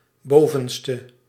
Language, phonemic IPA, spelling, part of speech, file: Dutch, /ˈbovə(n)stə/, bovenste, adjective, Nl-bovenste.ogg
- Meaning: inflection of bovenst: 1. masculine/feminine singular attributive 2. definite neuter singular attributive 3. plural attributive